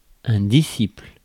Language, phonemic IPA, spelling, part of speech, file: French, /di.sipl/, disciple, noun, Fr-disciple.ogg
- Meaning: disciple